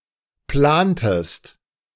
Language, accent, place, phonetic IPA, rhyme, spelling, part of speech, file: German, Germany, Berlin, [ˈplaːntəst], -aːntəst, plantest, verb, De-plantest.ogg
- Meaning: inflection of planen: 1. second-person singular preterite 2. second-person singular subjunctive II